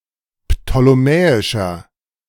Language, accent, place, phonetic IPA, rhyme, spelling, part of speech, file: German, Germany, Berlin, [ptoleˈmɛːɪʃɐ], -ɛːɪʃɐ, ptolemäischer, adjective, De-ptolemäischer.ogg
- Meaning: inflection of ptolemäisch: 1. strong/mixed nominative masculine singular 2. strong genitive/dative feminine singular 3. strong genitive plural